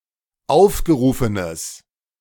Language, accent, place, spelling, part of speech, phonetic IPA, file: German, Germany, Berlin, aufgerufenes, adjective, [ˈaʊ̯fɡəˌʁuːfənəs], De-aufgerufenes.ogg
- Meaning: strong/mixed nominative/accusative neuter singular of aufgerufen